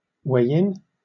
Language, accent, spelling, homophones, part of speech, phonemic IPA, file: English, Southern England, way in, weigh in, noun, /weɪ ˈɪn/, LL-Q1860 (eng)-way in.wav
- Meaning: An entrance